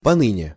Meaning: up to the present (time), to this day
- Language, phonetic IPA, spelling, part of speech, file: Russian, [pɐˈnɨnʲe], поныне, adverb, Ru-поныне.ogg